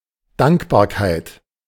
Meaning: gratitude, gratefulness, thankfulness
- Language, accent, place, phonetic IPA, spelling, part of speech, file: German, Germany, Berlin, [ˈdaŋkbaːɐ̯kaɪ̯t], Dankbarkeit, noun, De-Dankbarkeit.ogg